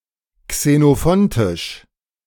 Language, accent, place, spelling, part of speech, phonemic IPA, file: German, Germany, Berlin, xenophontisch, adjective, /ksenoˈfɔntɪʃ/, De-xenophontisch.ogg
- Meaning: Xenophontic